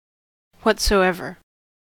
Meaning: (determiner) Whatever; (adverb) In any way; at all; whatever
- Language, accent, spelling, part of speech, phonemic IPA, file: English, US, whatsoever, determiner / adverb / pronoun, /ˌ(h)wʌtsoʊˈɛvɚ/, En-us-whatsoever.ogg